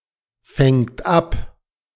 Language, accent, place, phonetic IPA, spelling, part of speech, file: German, Germany, Berlin, [ˌfɛŋt ˈap], fängt ab, verb, De-fängt ab.ogg
- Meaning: third-person singular present of abfangen